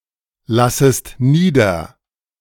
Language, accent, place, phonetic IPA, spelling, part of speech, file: German, Germany, Berlin, [ˌlasəst ˈniːdɐ], lassest nieder, verb, De-lassest nieder.ogg
- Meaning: second-person singular subjunctive I of niederlassen